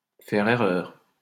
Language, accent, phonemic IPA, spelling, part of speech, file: French, France, /fɛʁ e.ʁœʁ/, faire erreur, verb, LL-Q150 (fra)-faire erreur.wav
- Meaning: to be mistaken, to be wrong